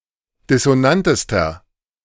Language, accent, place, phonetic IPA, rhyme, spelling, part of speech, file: German, Germany, Berlin, [dɪsoˈnantəstɐ], -antəstɐ, dissonantester, adjective, De-dissonantester.ogg
- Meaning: inflection of dissonant: 1. strong/mixed nominative masculine singular superlative degree 2. strong genitive/dative feminine singular superlative degree 3. strong genitive plural superlative degree